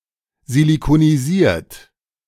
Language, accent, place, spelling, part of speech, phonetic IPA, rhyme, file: German, Germany, Berlin, silikonisiert, verb, [zilikoniˈziːɐ̯t], -iːɐ̯t, De-silikonisiert.ogg
- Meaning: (verb) past participle of silikonisieren; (adjective) siliconized